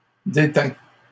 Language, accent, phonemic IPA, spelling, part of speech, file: French, Canada, /de.tɛ̃/, détins, verb, LL-Q150 (fra)-détins.wav
- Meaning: first/second-person singular past historic of détenir